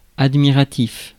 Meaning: admiring; impressed
- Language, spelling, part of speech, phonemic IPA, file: French, admiratif, adjective, /ad.mi.ʁa.tif/, Fr-admiratif.ogg